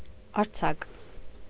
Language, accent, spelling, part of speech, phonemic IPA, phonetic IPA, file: Armenian, Eastern Armenian, արձակ, adjective / noun, /ɑɾˈt͡sʰɑk/, [ɑɾt͡sʰɑ́k], Hy-արձակ.ogg
- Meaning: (adjective) 1. free, loose, untied 2. vast, spacious 3. prosaic (pertaining to or having the characteristics of prose); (noun) prose